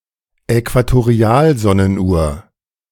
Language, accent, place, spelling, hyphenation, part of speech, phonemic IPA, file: German, Germany, Berlin, Äquatorialsonnenuhr, Äqua‧to‧ri‧al‧son‧nen‧uhr, noun, /ɛkvatoˈʁi̯aːlˌzɔnən.uːɐ̯/, De-Äquatorialsonnenuhr.ogg
- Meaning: equatorial sundial